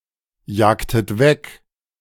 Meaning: inflection of wegjagen: 1. second-person plural preterite 2. second-person plural subjunctive II
- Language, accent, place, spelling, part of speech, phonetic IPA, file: German, Germany, Berlin, jagtet weg, verb, [ˌjaːktət ˈvɛk], De-jagtet weg.ogg